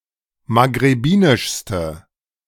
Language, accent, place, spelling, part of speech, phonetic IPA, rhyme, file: German, Germany, Berlin, maghrebinischste, adjective, [maɡʁeˈbiːnɪʃstə], -iːnɪʃstə, De-maghrebinischste.ogg
- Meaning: inflection of maghrebinisch: 1. strong/mixed nominative/accusative feminine singular superlative degree 2. strong nominative/accusative plural superlative degree